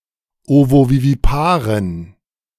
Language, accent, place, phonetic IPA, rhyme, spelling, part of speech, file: German, Germany, Berlin, [ˌovoviviˈpaːʁən], -aːʁən, ovoviviparen, adjective, De-ovoviviparen.ogg
- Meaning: inflection of ovovivipar: 1. strong genitive masculine/neuter singular 2. weak/mixed genitive/dative all-gender singular 3. strong/weak/mixed accusative masculine singular 4. strong dative plural